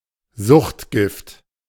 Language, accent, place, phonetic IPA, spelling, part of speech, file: German, Germany, Berlin, [ˈzʊxtˌɡɪft], Suchtgift, noun, De-Suchtgift.ogg
- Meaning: drug, narcotic, junk